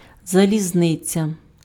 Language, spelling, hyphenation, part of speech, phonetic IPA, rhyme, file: Ukrainian, залізниця, за‧лі‧зни‧ця, noun, [zɐlʲizˈnɪt͡sʲɐ], -ɪt͡sʲɐ, Uk-залізниця.ogg
- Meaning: railway, railroad